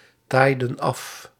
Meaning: inflection of aftaaien: 1. plural past indicative 2. plural past subjunctive
- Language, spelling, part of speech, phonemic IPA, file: Dutch, taaiden af, verb, /ˈtajdə(n) ˈɑf/, Nl-taaiden af.ogg